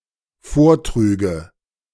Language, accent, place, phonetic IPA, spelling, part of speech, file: German, Germany, Berlin, [ˈfoːɐ̯ˌtʁyːɡə], vortrüge, verb, De-vortrüge.ogg
- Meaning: first/third-person singular dependent subjunctive II of vortragen